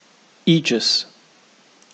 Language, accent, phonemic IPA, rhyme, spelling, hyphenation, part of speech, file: English, Received Pronunciation, /ˈiːd͡ʒɪs/, -iːdʒɪs, aegis, ae‧gis, noun, En-uk-aegis.ogg